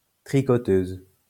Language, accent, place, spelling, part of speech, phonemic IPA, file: French, France, Lyon, tricoteuse, noun, /tʁi.kɔ.tøz/, LL-Q150 (fra)-tricoteuse.wav
- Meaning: female equivalent of tricoteur